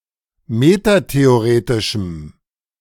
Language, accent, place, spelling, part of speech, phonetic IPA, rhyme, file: German, Germany, Berlin, metatheoretischem, adjective, [ˌmetateoˈʁeːtɪʃm̩], -eːtɪʃm̩, De-metatheoretischem.ogg
- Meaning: strong dative masculine/neuter singular of metatheoretisch